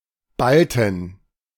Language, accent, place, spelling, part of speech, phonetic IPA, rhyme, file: German, Germany, Berlin, Balten, noun, [ˈbaltn̩], -altn̩, De-Balten.ogg
- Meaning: inflection of Balte: 1. genitive/dative/accusative singular 2. nominative/genitive/dative/accusative plural